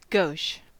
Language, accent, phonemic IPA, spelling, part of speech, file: English, US, /ɡoʊʃ/, gauche, adjective, En-us-gauche.ogg
- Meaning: 1. Awkward or lacking in social graces; bumbling; apt to make gaffes 2. Skewed, not plane 3. Having a torsion angle of 60°